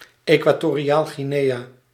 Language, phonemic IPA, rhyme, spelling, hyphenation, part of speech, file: Dutch, /eː.kʋaː.toː.riˌaːl.ɣiˈneː.aː/, -eːaː, Equatoriaal-Guinea, Equa‧to‧ri‧aal-Gui‧nea, proper noun, Nl-Equatoriaal-Guinea.ogg
- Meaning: Equatorial Guinea (a country in Central Africa)